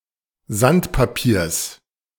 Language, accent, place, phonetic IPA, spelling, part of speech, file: German, Germany, Berlin, [ˈzantpaˌpiːɐ̯s], Sandpapiers, noun, De-Sandpapiers.ogg
- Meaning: genitive singular of Sandpapier